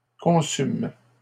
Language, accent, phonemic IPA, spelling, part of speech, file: French, Canada, /kɔ̃.sym/, consument, verb, LL-Q150 (fra)-consument.wav
- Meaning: third-person plural present indicative/subjunctive of consumer